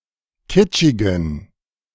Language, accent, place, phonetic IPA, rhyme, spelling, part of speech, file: German, Germany, Berlin, [ˈkɪt͡ʃɪɡn̩], -ɪt͡ʃɪɡn̩, kitschigen, adjective, De-kitschigen.ogg
- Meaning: inflection of kitschig: 1. strong genitive masculine/neuter singular 2. weak/mixed genitive/dative all-gender singular 3. strong/weak/mixed accusative masculine singular 4. strong dative plural